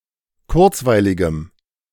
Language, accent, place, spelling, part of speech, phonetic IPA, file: German, Germany, Berlin, kurzweiligem, adjective, [ˈkʊʁt͡svaɪ̯lɪɡəm], De-kurzweiligem.ogg
- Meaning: strong dative masculine/neuter singular of kurzweilig